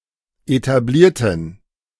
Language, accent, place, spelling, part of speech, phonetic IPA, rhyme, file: German, Germany, Berlin, etablierten, adjective / verb, [etaˈbliːɐ̯tn̩], -iːɐ̯tn̩, De-etablierten.ogg
- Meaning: inflection of etablieren: 1. first/third-person plural preterite 2. first/third-person plural subjunctive II